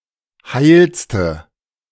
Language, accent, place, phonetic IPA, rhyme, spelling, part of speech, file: German, Germany, Berlin, [ˈhaɪ̯lstə], -aɪ̯lstə, heilste, adjective, De-heilste.ogg
- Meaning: inflection of heil: 1. strong/mixed nominative/accusative feminine singular superlative degree 2. strong nominative/accusative plural superlative degree